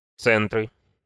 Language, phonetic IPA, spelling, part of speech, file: Russian, [ˈt͡sɛntrɨ], центры, noun, Ru-центры.ogg
- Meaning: nominative/accusative plural of центр (centr)